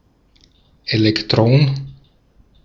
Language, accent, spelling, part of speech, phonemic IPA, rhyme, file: German, Austria, Elektron, noun, /ˈe(ː)lɛktʁɔn/, -ɔn, De-at-Elektron.ogg
- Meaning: 1. electron 2. electrum